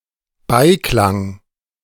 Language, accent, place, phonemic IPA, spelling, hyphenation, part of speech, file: German, Germany, Berlin, /ˈbaɪ̯ˌklaŋ/, Beiklang, Bei‧klang, noun, De-Beiklang.ogg
- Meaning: connotation, undertone